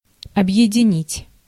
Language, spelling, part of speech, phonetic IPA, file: Russian, объединить, verb, [ɐbjɪdʲɪˈnʲitʲ], Ru-объединить.ogg
- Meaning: to unite, to combine, to join, to amalgamate, to consolidate